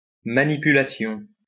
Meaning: manipulation
- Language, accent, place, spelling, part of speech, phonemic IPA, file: French, France, Lyon, manipulation, noun, /ma.ni.py.la.sjɔ̃/, LL-Q150 (fra)-manipulation.wav